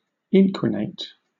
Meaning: To pollute or make dirty
- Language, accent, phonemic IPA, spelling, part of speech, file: English, Southern England, /ˈɪnkwɪneɪt/, inquinate, verb, LL-Q1860 (eng)-inquinate.wav